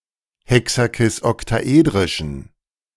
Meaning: inflection of hexakisoktaedrisch: 1. strong genitive masculine/neuter singular 2. weak/mixed genitive/dative all-gender singular 3. strong/weak/mixed accusative masculine singular
- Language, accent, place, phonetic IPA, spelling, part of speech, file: German, Germany, Berlin, [ˌhɛksakɪsʔɔktaˈʔeːdʁɪʃn̩], hexakisoktaedrischen, adjective, De-hexakisoktaedrischen.ogg